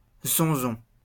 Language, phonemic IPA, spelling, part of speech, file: French, /zɔ̃.zɔ̃/, zonzon, noun, LL-Q150 (fra)-zonzon.wav
- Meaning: 1. jail, prison 2. buzz, buzzing